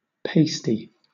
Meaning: An item worn (often by strippers) to conceal one's nipples
- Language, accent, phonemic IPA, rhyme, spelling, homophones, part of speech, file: English, Southern England, /ˈpeɪsti/, -eɪsti, pastie, pasty, noun, LL-Q1860 (eng)-pastie.wav